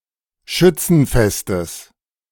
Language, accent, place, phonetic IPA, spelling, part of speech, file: German, Germany, Berlin, [ˈʃʏt͡sn̩ˌfɛstəs], Schützenfestes, noun, De-Schützenfestes.ogg
- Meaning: genitive singular of Schützenfest